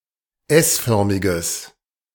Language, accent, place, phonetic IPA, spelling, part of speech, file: German, Germany, Berlin, [ˈɛsˌfœʁmɪɡəs], s-förmiges, adjective, De-s-förmiges.ogg
- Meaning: strong/mixed nominative/accusative neuter singular of s-förmig